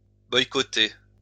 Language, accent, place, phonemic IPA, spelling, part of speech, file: French, France, Lyon, /bɔj.kɔ.te/, boycotter, verb, LL-Q150 (fra)-boycotter.wav
- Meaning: to boycott